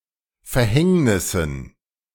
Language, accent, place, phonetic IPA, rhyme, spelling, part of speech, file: German, Germany, Berlin, [fɛɐ̯ˈhɛŋnɪsn̩], -ɛŋnɪsn̩, Verhängnissen, noun, De-Verhängnissen.ogg
- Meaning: dative plural of Verhängnis